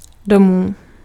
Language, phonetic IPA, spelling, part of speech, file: Czech, [ˈdomuː], domů, adverb / noun, Cs-domů.ogg
- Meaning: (adverb) homeward; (noun) genitive plural of dům